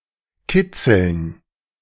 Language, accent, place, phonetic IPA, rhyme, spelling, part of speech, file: German, Germany, Berlin, [ˈkɪt͡sl̩n], -ɪt͡sl̩n, Kitzeln, noun, De-Kitzeln.ogg
- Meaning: dative plural of Kitzel